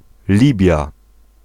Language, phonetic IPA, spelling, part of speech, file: Polish, [ˈlʲibʲja], Libia, proper noun, Pl-Libia.ogg